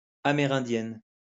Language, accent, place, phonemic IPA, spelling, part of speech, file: French, France, Lyon, /a.me.ʁɛ̃.djɛn/, Amérindienne, noun, LL-Q150 (fra)-Amérindienne.wav
- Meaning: female equivalent of Amérindien